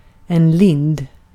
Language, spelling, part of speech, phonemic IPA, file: Swedish, lind, noun, /lɪnd/, Sv-lind.ogg
- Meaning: linden tree